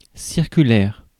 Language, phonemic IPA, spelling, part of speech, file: French, /siʁ.ky.lɛʁ/, circulaire, adjective / noun, Fr-circulaire.ogg
- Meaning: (adjective) circular; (noun) 1. decree 2. election leaflet